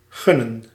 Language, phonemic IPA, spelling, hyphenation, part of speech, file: Dutch, /ˈɣʏ.nə(n)/, gunnen, gun‧nen, verb, Nl-gunnen.ogg
- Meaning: to think someone deserves something, to witness or acknowledge someone's success or enjoyment without envy or grudge (usually referring to positive outcomes)